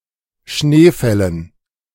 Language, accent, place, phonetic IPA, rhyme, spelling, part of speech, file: German, Germany, Berlin, [ˈʃneːˌfɛlən], -eːfɛlən, Schneefällen, noun, De-Schneefällen.ogg
- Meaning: dative plural of Schneefall